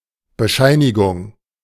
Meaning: certificate, certification, attestation, credentials
- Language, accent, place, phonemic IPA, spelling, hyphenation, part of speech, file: German, Germany, Berlin, /bəˈʃaɪ̯nɪɡʊŋ/, Bescheinigung, Be‧schei‧ni‧gung, noun, De-Bescheinigung.ogg